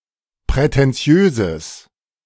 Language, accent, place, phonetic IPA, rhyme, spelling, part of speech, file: German, Germany, Berlin, [pʁɛtɛnˈt͡si̯øːzəs], -øːzəs, prätentiöses, adjective, De-prätentiöses.ogg
- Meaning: strong/mixed nominative/accusative neuter singular of prätentiös